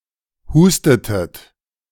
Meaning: inflection of husten: 1. second-person plural preterite 2. second-person plural subjunctive II
- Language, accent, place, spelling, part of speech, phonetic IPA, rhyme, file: German, Germany, Berlin, hustetet, verb, [ˈhuːstətət], -uːstətət, De-hustetet.ogg